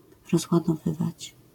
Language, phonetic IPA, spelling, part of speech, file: Polish, [ˌrɔzwadɔˈvɨvat͡ɕ], rozładowywać, verb, LL-Q809 (pol)-rozładowywać.wav